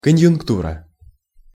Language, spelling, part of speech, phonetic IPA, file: Russian, конъюнктура, noun, [kənjʊnkˈturə], Ru-конъюнктура.ogg
- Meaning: conjuncture, state of affairs